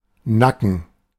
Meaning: nape of the neck
- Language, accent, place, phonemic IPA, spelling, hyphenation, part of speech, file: German, Germany, Berlin, /ˈnakən/, Nacken, Na‧cken, noun, De-Nacken.ogg